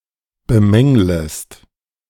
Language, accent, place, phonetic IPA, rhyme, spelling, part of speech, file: German, Germany, Berlin, [bəˈmɛŋləst], -ɛŋləst, bemänglest, verb, De-bemänglest.ogg
- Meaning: second-person singular subjunctive I of bemängeln